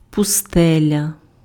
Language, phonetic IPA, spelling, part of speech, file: Ukrainian, [pʊˈstɛlʲɐ], пустеля, noun, Uk-пустеля.ogg
- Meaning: 1. desert 2. wasteland, waste, wilderness, barren, heath 3. unpopulated area